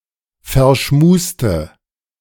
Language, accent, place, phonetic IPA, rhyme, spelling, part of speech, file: German, Germany, Berlin, [fɛɐ̯ˈʃmuːstə], -uːstə, verschmuste, adjective, De-verschmuste.ogg
- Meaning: inflection of verschmust: 1. strong/mixed nominative/accusative feminine singular 2. strong nominative/accusative plural 3. weak nominative all-gender singular